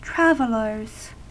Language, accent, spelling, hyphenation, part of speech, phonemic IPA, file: English, US, travellers, trav‧el‧lers, noun, /ˈtɹæv(ə)lɚz/, En-us-travellers.ogg
- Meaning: plural of traveller